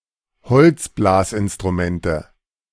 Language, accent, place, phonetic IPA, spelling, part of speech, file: German, Germany, Berlin, [ˈhɔlt͡sˌblaːsʔɪnstʁuˌmɛntə], Holzblasinstrumente, noun, De-Holzblasinstrumente.ogg
- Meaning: nominative/accusative/genitive plural of Holzblasinstrument